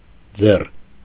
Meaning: alternative form of ձեռք (jeṙkʻ)
- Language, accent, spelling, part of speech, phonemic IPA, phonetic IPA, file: Armenian, Eastern Armenian, ձեռ, noun, /d͡zer/, [d͡zer], Hy-ձեռ.ogg